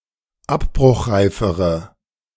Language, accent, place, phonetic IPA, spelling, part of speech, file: German, Germany, Berlin, [ˈapbʁʊxˌʁaɪ̯fəʁə], abbruchreifere, adjective, De-abbruchreifere.ogg
- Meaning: inflection of abbruchreif: 1. strong/mixed nominative/accusative feminine singular comparative degree 2. strong nominative/accusative plural comparative degree